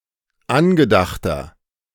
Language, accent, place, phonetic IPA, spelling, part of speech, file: German, Germany, Berlin, [ˈanɡəˌdaxtɐ], angedachter, adjective, De-angedachter.ogg
- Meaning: inflection of angedacht: 1. strong/mixed nominative masculine singular 2. strong genitive/dative feminine singular 3. strong genitive plural